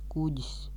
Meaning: 1. ship (fairly large vehicle on water) 2. flying vessel (syn. lidaparāts)
- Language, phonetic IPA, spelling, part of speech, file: Latvian, [ˈkuɟis], kuģis, noun, Lv-kuģis.ogg